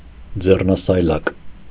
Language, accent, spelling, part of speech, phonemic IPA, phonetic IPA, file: Armenian, Eastern Armenian, ձեռնասայլակ, noun, /d͡zernɑsɑjˈlɑk/, [d͡zernɑsɑjlɑ́k], Hy-ձեռնասայլակ.ogg
- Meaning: wheelbarrow, barrow